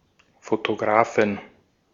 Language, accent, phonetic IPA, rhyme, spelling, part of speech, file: German, Austria, [fotoˈɡʁaːfn̩], -aːfn̩, Fotografen, noun, De-at-Fotografen.ogg
- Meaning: inflection of Fotograf: 1. genitive/dative/accusative singular 2. nominative/genitive/dative/accusative plural